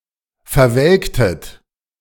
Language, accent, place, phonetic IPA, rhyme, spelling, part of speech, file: German, Germany, Berlin, [fɛɐ̯ˈvɛlktət], -ɛlktət, verwelktet, verb, De-verwelktet.ogg
- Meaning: inflection of verwelken: 1. second-person plural preterite 2. second-person plural subjunctive II